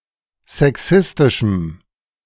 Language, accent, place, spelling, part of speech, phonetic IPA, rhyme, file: German, Germany, Berlin, sexistischem, adjective, [zɛˈksɪstɪʃm̩], -ɪstɪʃm̩, De-sexistischem.ogg
- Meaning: strong dative masculine/neuter singular of sexistisch